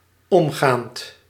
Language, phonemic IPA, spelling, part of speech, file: Dutch, /ˈɔmɣant/, omgaand, adjective / verb, Nl-omgaand.ogg
- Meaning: present participle of omgaan